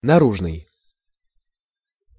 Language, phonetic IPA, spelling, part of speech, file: Russian, [nɐˈruʐnɨj], наружный, adjective, Ru-наружный.ogg
- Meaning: external, outward (outside of something)